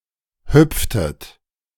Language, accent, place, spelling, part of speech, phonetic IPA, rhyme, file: German, Germany, Berlin, hüpftet, verb, [ˈhʏp͡ftət], -ʏp͡ftət, De-hüpftet.ogg
- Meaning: inflection of hüpfen: 1. second-person plural preterite 2. second-person plural subjunctive II